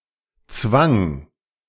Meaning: first/third-person singular preterite of zwingen
- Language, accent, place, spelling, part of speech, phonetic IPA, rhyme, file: German, Germany, Berlin, zwang, verb, [t͡svaŋ], -aŋ, De-zwang.ogg